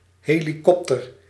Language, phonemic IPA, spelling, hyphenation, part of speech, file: Dutch, /ɦeːliˈkɔptər/, helikopter, he‧li‧kop‧ter, noun, Nl-helikopter.ogg
- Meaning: helicopter